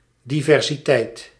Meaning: diversity
- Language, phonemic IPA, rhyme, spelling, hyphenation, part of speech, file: Dutch, /ˌdi.vɛr.ziˈtɛi̯t/, -ɛi̯t, diversiteit, di‧ver‧si‧teit, noun, Nl-diversiteit.ogg